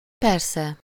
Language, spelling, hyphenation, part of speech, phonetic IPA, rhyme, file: Hungarian, persze, per‧sze, adverb, [ˈpɛrsɛ], -sɛ, Hu-persze.ogg
- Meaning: of course, naturally